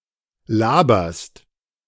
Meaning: second-person singular present of labern
- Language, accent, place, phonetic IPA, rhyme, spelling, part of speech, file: German, Germany, Berlin, [ˈlaːbɐst], -aːbɐst, laberst, verb, De-laberst.ogg